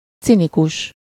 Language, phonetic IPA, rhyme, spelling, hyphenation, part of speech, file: Hungarian, [ˈt͡sinikuʃ], -uʃ, cinikus, ci‧ni‧kus, adjective / noun, Hu-cinikus.ogg
- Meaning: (adjective) cynical; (noun) Cynic (a member of a sect of Ancient Greek philosophers)